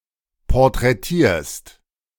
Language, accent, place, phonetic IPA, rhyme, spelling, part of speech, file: German, Germany, Berlin, [pɔʁtʁɛˈtiːɐ̯st], -iːɐ̯st, porträtierst, verb, De-porträtierst.ogg
- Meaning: second-person singular present of porträtieren